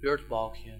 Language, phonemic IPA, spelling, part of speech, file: Dutch, /ˈbøːrtbɑlkjə/, beurtbalkje, noun, Nl-beurtbalkje.ogg
- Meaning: diminutive of beurtbalk